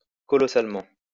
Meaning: hugely, colossally
- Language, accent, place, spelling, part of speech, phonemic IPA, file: French, France, Lyon, colossalement, adverb, /kɔ.lɔ.sal.mɑ̃/, LL-Q150 (fra)-colossalement.wav